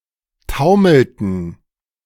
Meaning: inflection of taumeln: 1. first/third-person plural preterite 2. first/third-person plural subjunctive II
- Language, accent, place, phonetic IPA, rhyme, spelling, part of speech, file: German, Germany, Berlin, [ˈtaʊ̯ml̩tn̩], -aʊ̯ml̩tn̩, taumelten, verb, De-taumelten.ogg